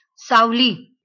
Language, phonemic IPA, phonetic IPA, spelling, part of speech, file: Marathi, /saʋ.li/, [saʋ.liː], सावली, noun, LL-Q1571 (mar)-सावली.wav
- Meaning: shadow, shade